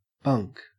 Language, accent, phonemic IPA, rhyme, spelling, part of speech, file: English, Australia, /bʌŋk/, -ʌŋk, bunk, noun / verb / adjective, En-au-bunk.ogg
- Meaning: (noun) 1. One of a series of berths or beds placed in tiers 2. A built-in bed on board ship, often erected in tiers one above the other 3. A cot 4. A bed in a prison, worksite or similar location